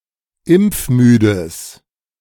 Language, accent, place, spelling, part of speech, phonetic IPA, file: German, Germany, Berlin, impfmüdes, adjective, [ˈɪmp͡fˌmyːdəs], De-impfmüdes.ogg
- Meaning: strong/mixed nominative/accusative neuter singular of impfmüde